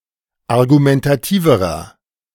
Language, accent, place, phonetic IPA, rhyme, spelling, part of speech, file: German, Germany, Berlin, [aʁɡumɛntaˈtiːvəʁɐ], -iːvəʁɐ, argumentativerer, adjective, De-argumentativerer.ogg
- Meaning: inflection of argumentativ: 1. strong/mixed nominative masculine singular comparative degree 2. strong genitive/dative feminine singular comparative degree 3. strong genitive plural comparative degree